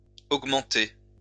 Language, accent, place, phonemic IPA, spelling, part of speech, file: French, France, Lyon, /oɡ.mɑ̃.te/, augmenté, verb, LL-Q150 (fra)-augmenté.wav
- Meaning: past participle of augmenter